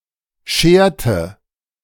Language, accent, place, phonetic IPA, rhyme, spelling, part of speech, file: German, Germany, Berlin, [ˈʃeːɐ̯tə], -eːɐ̯tə, scherte, verb, De-scherte.ogg
- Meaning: inflection of scheren: 1. first/third-person singular preterite 2. first/third-person singular subjunctive II